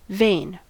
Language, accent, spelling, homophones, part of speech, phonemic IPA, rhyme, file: English, US, vain, vein, adjective / verb, /veɪn/, -eɪn, En-us-vain.ogg
- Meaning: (adjective) Overly proud of oneself, especially concerning appearance; having a high opinion of one's own accomplishments with slight reason